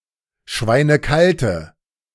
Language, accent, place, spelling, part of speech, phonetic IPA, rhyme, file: German, Germany, Berlin, schweinekalte, adjective, [ˈʃvaɪ̯nəˈkaltə], -altə, De-schweinekalte.ogg
- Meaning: inflection of schweinekalt: 1. strong/mixed nominative/accusative feminine singular 2. strong nominative/accusative plural 3. weak nominative all-gender singular